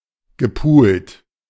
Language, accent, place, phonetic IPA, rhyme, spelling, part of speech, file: German, Germany, Berlin, [ɡəˈpuːlt], -uːlt, gepult, verb, De-gepult.ogg
- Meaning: past participle of pulen